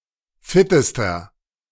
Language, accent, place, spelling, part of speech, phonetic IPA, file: German, Germany, Berlin, fittester, adjective, [ˈfɪtəstɐ], De-fittester.ogg
- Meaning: inflection of fit: 1. strong/mixed nominative masculine singular superlative degree 2. strong genitive/dative feminine singular superlative degree 3. strong genitive plural superlative degree